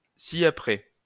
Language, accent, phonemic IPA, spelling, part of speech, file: French, France, /si.a.pʁɛ/, ci-après, adverb, LL-Q150 (fra)-ci-après.wav
- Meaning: hereafter